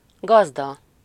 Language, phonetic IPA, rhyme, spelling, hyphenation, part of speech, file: Hungarian, [ˈɡɒzdɒ], -dɒ, gazda, gaz‧da, noun, Hu-gazda.ogg
- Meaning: 1. master 2. farmer 3. host (in the expression házigazda)